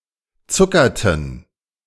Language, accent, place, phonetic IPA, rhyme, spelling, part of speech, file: German, Germany, Berlin, [ˈt͡sʊkɐtn̩], -ʊkɐtn̩, zuckerten, verb, De-zuckerten.ogg
- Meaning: inflection of zuckern: 1. first/third-person plural preterite 2. first/third-person plural subjunctive II